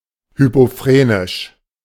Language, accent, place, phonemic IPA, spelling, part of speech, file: German, Germany, Berlin, /ˌhypoˈfʁeːnɪʃ/, hypophrenisch, adjective, De-hypophrenisch.ogg
- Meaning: hypophrenic